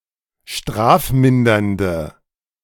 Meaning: inflection of strafmindernd: 1. strong/mixed nominative/accusative feminine singular 2. strong nominative/accusative plural 3. weak nominative all-gender singular
- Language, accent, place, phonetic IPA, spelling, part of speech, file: German, Germany, Berlin, [ˈʃtʁaːfˌmɪndɐndə], strafmindernde, adjective, De-strafmindernde.ogg